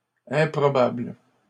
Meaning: plural of improbable
- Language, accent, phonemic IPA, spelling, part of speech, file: French, Canada, /ɛ̃.pʁɔ.babl/, improbables, adjective, LL-Q150 (fra)-improbables.wav